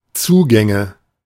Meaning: nominative/accusative/genitive plural of Zugang
- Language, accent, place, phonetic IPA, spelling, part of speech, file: German, Germany, Berlin, [ˈt͡suːɡɛŋə], Zugänge, noun, De-Zugänge.ogg